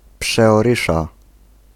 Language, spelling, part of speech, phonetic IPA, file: Polish, przeorysza, noun, [ˌpʃɛɔˈrɨʃa], Pl-przeorysza.ogg